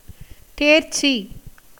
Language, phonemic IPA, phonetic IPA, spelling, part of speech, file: Tamil, /t̪eːɾtʃtʃiː/, [t̪eːɾssiː], தேர்ச்சி, noun, Ta-தேர்ச்சி.ogg
- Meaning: 1. passing, as in an exam 2. examination, investigation 3. learning 4. discernment, ascertainment 5. deliberation, council 6. experience